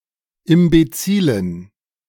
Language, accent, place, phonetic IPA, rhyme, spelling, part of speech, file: German, Germany, Berlin, [ɪmbeˈt͡siːlən], -iːlən, imbezilen, adjective, De-imbezilen.ogg
- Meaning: inflection of imbezil: 1. strong genitive masculine/neuter singular 2. weak/mixed genitive/dative all-gender singular 3. strong/weak/mixed accusative masculine singular 4. strong dative plural